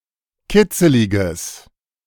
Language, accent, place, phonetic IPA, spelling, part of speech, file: German, Germany, Berlin, [ˈkɪt͡səlɪɡəs], kitzeliges, adjective, De-kitzeliges.ogg
- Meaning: strong/mixed nominative/accusative neuter singular of kitzelig